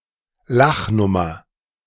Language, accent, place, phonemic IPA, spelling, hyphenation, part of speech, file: German, Germany, Berlin, /ˈlaχˌnʊmɐ/, Lachnummer, Lach‧num‧mer, noun, De-Lachnummer.ogg
- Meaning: laughing stock